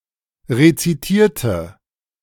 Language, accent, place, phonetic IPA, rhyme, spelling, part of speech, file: German, Germany, Berlin, [ʁet͡siˈtiːɐ̯tə], -iːɐ̯tə, rezitierte, adjective / verb, De-rezitierte.ogg
- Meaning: inflection of rezitieren: 1. first/third-person singular preterite 2. first/third-person singular subjunctive II